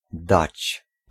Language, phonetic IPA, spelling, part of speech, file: Polish, [dat͡ɕ], dać, verb, Pl-dać.ogg